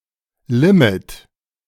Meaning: limit (restriction)
- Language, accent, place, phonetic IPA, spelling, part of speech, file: German, Germany, Berlin, [ˈlɪmɪt], Limit, noun, De-Limit.ogg